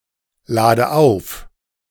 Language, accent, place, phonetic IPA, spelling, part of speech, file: German, Germany, Berlin, [ˌlaːdə ˈaʊ̯f], lade auf, verb, De-lade auf.ogg
- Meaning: inflection of aufladen: 1. first-person singular present 2. first/third-person singular subjunctive I 3. singular imperative